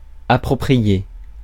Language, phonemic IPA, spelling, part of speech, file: French, /a.pʁɔ.pʁi.je/, approprié, verb / adjective, Fr-approprié.ogg
- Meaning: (verb) past participle of approprier; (adjective) appropriate, suitable